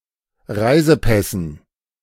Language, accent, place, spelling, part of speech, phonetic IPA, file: German, Germany, Berlin, Reisepässen, noun, [ˈʁaɪ̯zəˌpɛsn̩], De-Reisepässen.ogg
- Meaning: dative plural of Reisepass